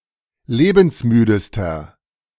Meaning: inflection of lebensmüde: 1. strong/mixed nominative masculine singular superlative degree 2. strong genitive/dative feminine singular superlative degree 3. strong genitive plural superlative degree
- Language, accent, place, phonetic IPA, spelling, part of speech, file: German, Germany, Berlin, [ˈleːbn̩sˌmyːdəstɐ], lebensmüdester, adjective, De-lebensmüdester.ogg